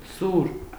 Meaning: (noun) sword; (adjective) 1. sharp 2. pointed 3. keen 4. sharp, acute, harsh 5. acute
- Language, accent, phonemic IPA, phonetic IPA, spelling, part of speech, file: Armenian, Eastern Armenian, /suɾ/, [suɾ], սուր, noun / adjective, Hy-սուր.ogg